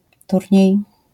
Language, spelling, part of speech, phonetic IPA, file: Polish, turniej, noun, [ˈturʲɲɛ̇j], LL-Q809 (pol)-turniej.wav